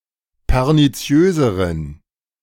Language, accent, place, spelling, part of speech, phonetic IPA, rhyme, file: German, Germany, Berlin, perniziöseren, adjective, [pɛʁniˈt͡si̯øːzəʁən], -øːzəʁən, De-perniziöseren.ogg
- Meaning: inflection of perniziös: 1. strong genitive masculine/neuter singular comparative degree 2. weak/mixed genitive/dative all-gender singular comparative degree